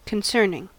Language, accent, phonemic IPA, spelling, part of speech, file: English, US, /kənˈsɝnɪŋ/, concerning, adjective / preposition / verb / noun, En-us-concerning.ogg
- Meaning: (adjective) 1. Causing concern; worrying 2. Important; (preposition) Regarding, respecting; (verb) present participle and gerund of concern; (noun) That which one is concerned in; one's business